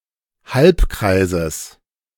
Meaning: genitive singular of Halbkreis
- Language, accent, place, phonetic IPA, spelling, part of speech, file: German, Germany, Berlin, [ˈhalpˌkʁaɪ̯zəs], Halbkreises, noun, De-Halbkreises.ogg